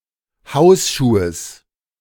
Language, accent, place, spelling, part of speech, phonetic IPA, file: German, Germany, Berlin, Hausschuhes, noun, [ˈhaʊ̯sˌʃuːəs], De-Hausschuhes.ogg
- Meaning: genitive of Hausschuh